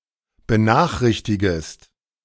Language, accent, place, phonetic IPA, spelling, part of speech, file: German, Germany, Berlin, [bəˈnaːxˌʁɪçtɪɡəst], benachrichtigest, verb, De-benachrichtigest.ogg
- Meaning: second-person singular subjunctive I of benachrichtigen